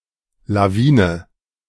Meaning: avalanche
- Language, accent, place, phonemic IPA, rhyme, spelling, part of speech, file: German, Germany, Berlin, /laˈviːnə/, -iːnə, Lawine, noun, De-Lawine.ogg